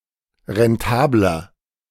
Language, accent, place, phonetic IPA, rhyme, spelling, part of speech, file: German, Germany, Berlin, [ʁɛnˈtaːblɐ], -aːblɐ, rentabler, adjective, De-rentabler.ogg
- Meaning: 1. comparative degree of rentabel 2. inflection of rentabel: strong/mixed nominative masculine singular 3. inflection of rentabel: strong genitive/dative feminine singular